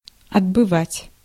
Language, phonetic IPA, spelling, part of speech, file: Russian, [ɐdbɨˈvatʲ], отбывать, verb, Ru-отбывать.ogg
- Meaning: 1. to leave 2. to serve (in prison)